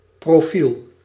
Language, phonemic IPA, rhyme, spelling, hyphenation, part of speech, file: Dutch, /proːˈfil/, -il, profiel, pro‧fiel, noun, Nl-profiel.ogg
- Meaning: 1. profile (such as an online profile) 2. profile (view from the side) 3. high school specialization; a combination of subjects selected as an individual study track by pupils in Dutch high schools